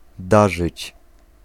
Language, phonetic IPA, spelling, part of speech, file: Polish, [ˈdaʒɨt͡ɕ], darzyć, verb, Pl-darzyć.ogg